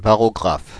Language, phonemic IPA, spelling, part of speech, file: French, /ba.ʁɔ.ɡʁaf/, barographe, noun, Fr-barographe.ogg
- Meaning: barograph